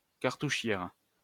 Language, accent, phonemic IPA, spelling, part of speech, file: French, France, /kaʁ.tu.ʃjɛʁ/, cartouchière, noun, LL-Q150 (fra)-cartouchière.wav
- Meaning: 1. bandolier, cartridge belt 2. cartridge pouch